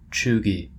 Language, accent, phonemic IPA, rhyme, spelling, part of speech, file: English, US, /ˈt͡ʃuːɡi/, -uːɡi, cheugy, adjective, En-us-cheugy.oga
- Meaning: Uncool; tryhard